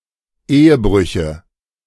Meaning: nominative/accusative/genitive plural of Ehebruch
- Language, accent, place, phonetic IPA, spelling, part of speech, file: German, Germany, Berlin, [ˈeːəˌbʁʏçə], Ehebrüche, noun, De-Ehebrüche.ogg